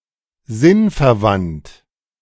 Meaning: 1. synonymous 2. meaningful
- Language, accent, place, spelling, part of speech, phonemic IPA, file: German, Germany, Berlin, sinnverwandt, adjective, /ˈzɪnfɛɐ̯ˌvant/, De-sinnverwandt.ogg